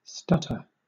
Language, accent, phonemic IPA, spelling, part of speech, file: English, Southern England, /ˈstʌtə/, stutter, verb / noun, LL-Q1860 (eng)-stutter.wav
- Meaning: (verb) 1. To speak (words) with a spasmodic repetition of vocal sounds 2. To expel a gas with difficulty; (noun) 1. A speech disorder characterized by stuttering 2. One who stutters